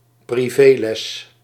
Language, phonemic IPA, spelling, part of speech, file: Dutch, /priˈvelɛs/, privéles, noun, Nl-privéles.ogg
- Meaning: 1. private lesson 2. private tutoring